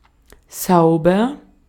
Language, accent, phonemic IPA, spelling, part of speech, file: German, Austria, /ˈsɑɔ̯bɐ/, sauber, adjective, De-at-sauber.ogg
- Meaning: 1. clean 2. neat, tidy 3. good, all right 4. pretty, cute